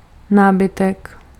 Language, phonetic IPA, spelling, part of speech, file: Czech, [ˈnaːbɪtɛk], nábytek, noun, Cs-nábytek.ogg
- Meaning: furniture